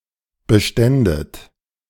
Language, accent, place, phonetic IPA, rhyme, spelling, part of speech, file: German, Germany, Berlin, [bəˈʃtɛndət], -ɛndət, beständet, verb, De-beständet.ogg
- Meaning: second-person plural subjunctive II of bestehen